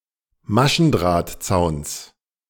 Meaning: genitive singular of Maschendrahtzaun
- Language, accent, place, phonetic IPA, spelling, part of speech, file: German, Germany, Berlin, [ˈmaʃn̩dʁaːtˌt͡saʊ̯ns], Maschendrahtzauns, noun, De-Maschendrahtzauns.ogg